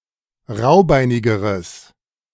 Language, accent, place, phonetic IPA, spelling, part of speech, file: German, Germany, Berlin, [ˈʁaʊ̯ˌbaɪ̯nɪɡəʁəs], raubeinigeres, adjective, De-raubeinigeres.ogg
- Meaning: strong/mixed nominative/accusative neuter singular comparative degree of raubeinig